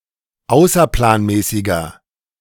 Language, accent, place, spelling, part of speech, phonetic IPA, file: German, Germany, Berlin, außerplanmäßiger, adjective, [ˈaʊ̯sɐplaːnˌmɛːsɪɡɐ], De-außerplanmäßiger.ogg
- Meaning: inflection of außerplanmäßig: 1. strong/mixed nominative masculine singular 2. strong genitive/dative feminine singular 3. strong genitive plural